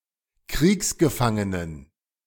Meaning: plural of Kriegsgefangener
- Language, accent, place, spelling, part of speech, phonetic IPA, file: German, Germany, Berlin, Kriegsgefangenen, noun, [ˈkʁiːksɡəˌfaŋənən], De-Kriegsgefangenen.ogg